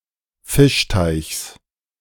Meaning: genitive of Fischteich
- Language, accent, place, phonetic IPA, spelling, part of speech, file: German, Germany, Berlin, [ˈfɪʃˌtaɪ̯çs], Fischteichs, noun, De-Fischteichs.ogg